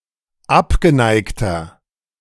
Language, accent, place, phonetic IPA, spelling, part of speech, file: German, Germany, Berlin, [ˈapɡəˌnaɪ̯ktɐ], abgeneigter, adjective, De-abgeneigter.ogg
- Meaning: 1. comparative degree of abgeneigt 2. inflection of abgeneigt: strong/mixed nominative masculine singular 3. inflection of abgeneigt: strong genitive/dative feminine singular